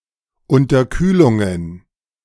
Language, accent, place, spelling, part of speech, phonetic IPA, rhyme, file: German, Germany, Berlin, Unterkühlungen, noun, [ʊntɐˈkyːlʊŋən], -yːlʊŋən, De-Unterkühlungen.ogg
- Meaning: plural of Unterkühlung